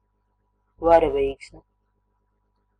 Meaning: rainbow (multicolored arch in the sky)
- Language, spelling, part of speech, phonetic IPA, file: Latvian, varavīksne, noun, [vaɾavîːksnɛ], Lv-varavīksne.ogg